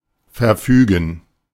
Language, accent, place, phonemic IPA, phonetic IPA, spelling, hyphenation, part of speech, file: German, Germany, Berlin, /fɛʁˈfyːɡən/, [fɛɐ̯ˈfyːɡn̩], verfügen, ver‧fü‧gen, verb, De-verfügen.ogg
- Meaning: 1. to decree, to order 2. to have at one's disposal, to employ, to have control over